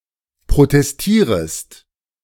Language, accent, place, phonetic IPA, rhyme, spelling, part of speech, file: German, Germany, Berlin, [pʁotɛsˈtiːʁəst], -iːʁəst, protestierest, verb, De-protestierest.ogg
- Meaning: second-person singular subjunctive I of protestieren